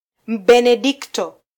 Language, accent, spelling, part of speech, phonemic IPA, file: Swahili, Kenya, Mbenedikto, noun, /m̩.ɓɛ.nɛˈɗik.tɔ/, Sw-ke-Mbenedikto.flac
- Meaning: Benedictine (monk or nun)